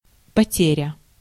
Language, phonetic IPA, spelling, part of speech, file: Russian, [pɐˈtʲerʲə], потеря, noun, Ru-потеря.ogg
- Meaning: 1. loss (something lost) 2. casualty